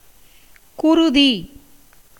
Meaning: 1. blood 2. planet Mars 3. red colour 4. brain
- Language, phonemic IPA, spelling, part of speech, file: Tamil, /kʊɾʊd̪iː/, குருதி, noun, Ta-குருதி.ogg